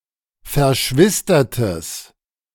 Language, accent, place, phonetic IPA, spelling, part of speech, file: German, Germany, Berlin, [fɛɐ̯ˈʃvɪstɐtəs], verschwistertes, adjective, De-verschwistertes.ogg
- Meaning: strong/mixed nominative/accusative neuter singular of verschwistert